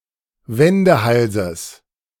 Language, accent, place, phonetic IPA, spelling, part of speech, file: German, Germany, Berlin, [ˈvɛndəˌhalzəs], Wendehalses, noun, De-Wendehalses.ogg
- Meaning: genitive singular of Wendehals